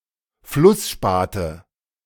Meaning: nominative/accusative/genitive plural of Flussspat
- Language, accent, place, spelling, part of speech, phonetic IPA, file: German, Germany, Berlin, Flussspate, noun, [ˈflʊsˌʃpaːtə], De-Flussspate.ogg